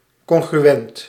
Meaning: 1. congruent 2. congruent (coinciding exactly when superimposed)
- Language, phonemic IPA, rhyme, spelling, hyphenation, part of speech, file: Dutch, /ˌkɔŋ.ɣryˈɛnt/, -ɛnt, congruent, con‧gru‧ent, adjective, Nl-congruent.ogg